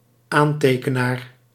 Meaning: 1. one who signs up for something 2. one who writes down a note
- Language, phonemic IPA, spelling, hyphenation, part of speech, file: Dutch, /ˈaːn.teː.kəˌnaːr/, aantekenaar, aan‧te‧ke‧naar, noun, Nl-aantekenaar.ogg